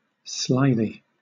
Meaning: lithe and slimy or slithery
- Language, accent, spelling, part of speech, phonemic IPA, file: English, Southern England, slithy, adjective, /ˈslaɪði/, LL-Q1860 (eng)-slithy.wav